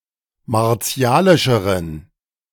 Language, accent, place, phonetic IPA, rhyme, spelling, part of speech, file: German, Germany, Berlin, [maʁˈt͡si̯aːlɪʃəʁən], -aːlɪʃəʁən, martialischeren, adjective, De-martialischeren.ogg
- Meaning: inflection of martialisch: 1. strong genitive masculine/neuter singular comparative degree 2. weak/mixed genitive/dative all-gender singular comparative degree